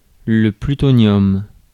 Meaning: plutonium
- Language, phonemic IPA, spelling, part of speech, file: French, /ply.tɔ.njɔm/, plutonium, noun, Fr-plutonium.ogg